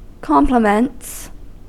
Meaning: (noun) 1. plural of compliment 2. Good wishes; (verb) third-person singular simple present indicative of compliment
- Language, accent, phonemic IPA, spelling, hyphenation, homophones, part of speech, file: English, US, /ˈkɑmplɪmənts/, compliments, com‧pli‧ments, complements, noun / verb, En-us-compliments.ogg